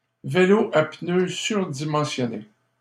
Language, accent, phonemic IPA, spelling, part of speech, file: French, Canada, /ve.lo a pnø syʁ.di.mɑ̃.sjɔ.ne/, vélo à pneus surdimensionnés, noun, LL-Q150 (fra)-vélo à pneus surdimensionnés.wav
- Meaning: a fatbike; synonym of fat bike (a bike for riding on trails of ice and snow)